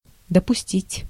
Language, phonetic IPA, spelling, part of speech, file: Russian, [dəpʊˈsʲtʲitʲ], допустить, verb, Ru-допустить.ogg
- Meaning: 1. to admit 2. to permit, to allow, to tolerate 3. to assume 4. to let happen